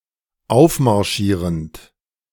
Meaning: present participle of aufmarschieren
- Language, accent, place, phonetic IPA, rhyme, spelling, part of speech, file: German, Germany, Berlin, [ˈaʊ̯fmaʁˌʃiːʁənt], -aʊ̯fmaʁʃiːʁənt, aufmarschierend, verb, De-aufmarschierend.ogg